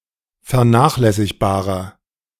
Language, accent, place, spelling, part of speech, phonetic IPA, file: German, Germany, Berlin, vernachlässigbarer, adjective, [fɛɐ̯ˈnaːxlɛsɪçbaːʁɐ], De-vernachlässigbarer.ogg
- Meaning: inflection of vernachlässigbar: 1. strong/mixed nominative masculine singular 2. strong genitive/dative feminine singular 3. strong genitive plural